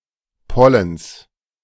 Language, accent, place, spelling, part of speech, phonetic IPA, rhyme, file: German, Germany, Berlin, Pollens, noun, [ˈpɔləns], -ɔləns, De-Pollens.ogg
- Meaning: genitive singular of Pollen